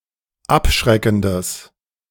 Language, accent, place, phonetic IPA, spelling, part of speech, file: German, Germany, Berlin, [ˈapˌʃʁɛkn̩dəs], abschreckendes, adjective, De-abschreckendes.ogg
- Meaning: strong/mixed nominative/accusative neuter singular of abschreckend